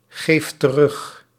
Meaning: inflection of teruggeven: 1. second/third-person singular present indicative 2. plural imperative
- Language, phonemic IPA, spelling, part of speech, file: Dutch, /ˈɣeft t(ə)ˈrʏx/, geeft terug, verb, Nl-geeft terug.ogg